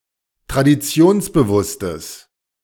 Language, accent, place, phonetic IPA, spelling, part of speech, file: German, Germany, Berlin, [tʁadiˈt͡si̯oːnsbəˌvʊstəs], traditionsbewusstes, adjective, De-traditionsbewusstes.ogg
- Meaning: strong/mixed nominative/accusative neuter singular of traditionsbewusst